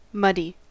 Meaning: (adjective) 1. Covered or splashed with, or full of, mud (“wet soil”) 2. Of water or some other liquid: containing mud or (by extension) other sediment in suspension; cloudy, turbid
- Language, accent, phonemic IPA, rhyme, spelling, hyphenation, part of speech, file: English, General American, /ˈmʌdi/, -ʌdi, muddy, mud‧dy, adjective / verb / noun, En-us-muddy.ogg